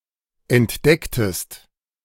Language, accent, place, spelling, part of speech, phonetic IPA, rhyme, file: German, Germany, Berlin, entdecktest, verb, [ɛntˈdɛktəst], -ɛktəst, De-entdecktest.ogg
- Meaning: inflection of entdecken: 1. second-person singular preterite 2. second-person singular subjunctive II